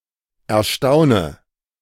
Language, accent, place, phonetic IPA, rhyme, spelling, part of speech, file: German, Germany, Berlin, [ɛɐ̯ˈʃtaʊ̯nə], -aʊ̯nə, erstaune, verb, De-erstaune.ogg
- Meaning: inflection of erstaunen: 1. first-person singular present 2. first/third-person singular subjunctive I 3. singular imperative